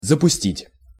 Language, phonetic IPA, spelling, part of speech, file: Russian, [zəpʊˈsʲtʲitʲ], запустить, verb, Ru-запустить.ogg
- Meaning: 1. to launch (a missile, rocket, a probe, etc.) 2. to launch; to start (operation or manufacturing of something) 3. to let in